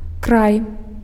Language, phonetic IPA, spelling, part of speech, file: Belarusian, [kraj], край, noun, Be-край.ogg
- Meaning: 1. end 2. region 3. country, land